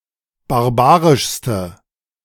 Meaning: inflection of barbarisch: 1. strong/mixed nominative/accusative feminine singular superlative degree 2. strong nominative/accusative plural superlative degree
- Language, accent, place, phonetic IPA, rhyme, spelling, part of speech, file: German, Germany, Berlin, [baʁˈbaːʁɪʃstə], -aːʁɪʃstə, barbarischste, adjective, De-barbarischste.ogg